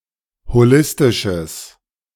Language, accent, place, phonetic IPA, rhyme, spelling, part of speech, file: German, Germany, Berlin, [hoˈlɪstɪʃəs], -ɪstɪʃəs, holistisches, adjective, De-holistisches.ogg
- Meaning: strong/mixed nominative/accusative neuter singular of holistisch